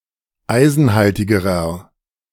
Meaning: inflection of eisenhaltig: 1. strong/mixed nominative masculine singular comparative degree 2. strong genitive/dative feminine singular comparative degree 3. strong genitive plural comparative degree
- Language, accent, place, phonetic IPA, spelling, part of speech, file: German, Germany, Berlin, [ˈaɪ̯zn̩ˌhaltɪɡəʁɐ], eisenhaltigerer, adjective, De-eisenhaltigerer.ogg